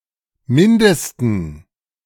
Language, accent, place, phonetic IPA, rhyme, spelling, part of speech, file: German, Germany, Berlin, [ˈmɪndəstn̩], -ɪndəstn̩, mindesten, adjective, De-mindesten.ogg
- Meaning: 1. superlative degree of minder 2. superlative degree of wenig 3. inflection of minder: strong genitive masculine/neuter singular superlative degree